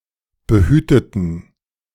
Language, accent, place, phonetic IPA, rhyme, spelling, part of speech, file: German, Germany, Berlin, [bəˈhyːtətn̩], -yːtətn̩, behüteten, adjective / verb, De-behüteten.ogg
- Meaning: inflection of behüten: 1. first/third-person plural preterite 2. first/third-person plural subjunctive II